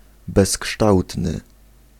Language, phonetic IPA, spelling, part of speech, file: Polish, [bɛsˈkʃtawtnɨ], bezkształtny, adjective, Pl-bezkształtny.ogg